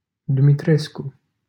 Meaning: a surname
- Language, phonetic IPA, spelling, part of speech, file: Romanian, [dumitˈresku], Dumitrescu, proper noun, LL-Q7913 (ron)-Dumitrescu.wav